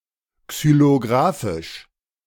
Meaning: alternative form of xylographisch
- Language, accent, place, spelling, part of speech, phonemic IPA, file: German, Germany, Berlin, xylografisch, adjective, /ksyloˈɡʁaːfɪʃ/, De-xylografisch.ogg